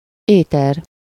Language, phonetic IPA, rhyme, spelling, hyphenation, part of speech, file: Hungarian, [ˈeːtɛr], -ɛr, éter, éter, noun, Hu-éter.ogg
- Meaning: ether